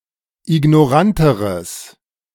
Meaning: strong/mixed nominative/accusative neuter singular comparative degree of ignorant
- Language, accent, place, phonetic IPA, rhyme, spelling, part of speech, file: German, Germany, Berlin, [ɪɡnɔˈʁantəʁəs], -antəʁəs, ignoranteres, adjective, De-ignoranteres.ogg